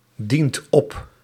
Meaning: inflection of opdienen: 1. second/third-person singular present indicative 2. plural imperative
- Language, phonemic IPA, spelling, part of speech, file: Dutch, /ˈdint ˈɔp/, dient op, verb, Nl-dient op.ogg